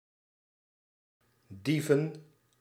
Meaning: plural of dief
- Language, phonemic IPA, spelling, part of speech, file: Dutch, /ˈdivə(n)/, dieven, verb / noun, Nl-dieven.ogg